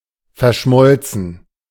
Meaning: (verb) past participle of verschmelzen; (adjective) coalesced, melded, merged
- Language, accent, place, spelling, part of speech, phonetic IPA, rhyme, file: German, Germany, Berlin, verschmolzen, verb, [fɛɐ̯ˈʃmɔlt͡sn̩], -ɔlt͡sn̩, De-verschmolzen.ogg